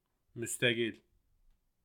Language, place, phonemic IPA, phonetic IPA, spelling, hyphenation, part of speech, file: Azerbaijani, Baku, /mys.tæ.ɡil/, [mys̪.t̪æ.ɡil], müstəqil, müs‧tə‧qil, adjective, Az-az-müstəqil.ogg
- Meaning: independent